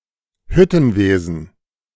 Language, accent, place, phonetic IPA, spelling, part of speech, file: German, Germany, Berlin, [ˈhʏtn̩ˌveːzn̩], Hüttenwesen, noun, De-Hüttenwesen.ogg
- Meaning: metallurgy